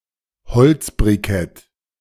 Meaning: inflection of beziffert: 1. strong/mixed nominative masculine singular 2. strong genitive/dative feminine singular 3. strong genitive plural
- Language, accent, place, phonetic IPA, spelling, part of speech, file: German, Germany, Berlin, [bəˈt͡sɪfɐtɐ], bezifferter, adjective, De-bezifferter.ogg